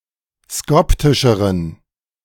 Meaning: inflection of skoptisch: 1. strong genitive masculine/neuter singular comparative degree 2. weak/mixed genitive/dative all-gender singular comparative degree
- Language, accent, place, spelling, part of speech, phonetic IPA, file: German, Germany, Berlin, skoptischeren, adjective, [ˈskɔptɪʃəʁən], De-skoptischeren.ogg